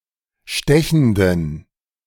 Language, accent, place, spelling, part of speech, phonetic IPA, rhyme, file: German, Germany, Berlin, stechenden, adjective, [ˈʃtɛçn̩dən], -ɛçn̩dən, De-stechenden.ogg
- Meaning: inflection of stechend: 1. strong genitive masculine/neuter singular 2. weak/mixed genitive/dative all-gender singular 3. strong/weak/mixed accusative masculine singular 4. strong dative plural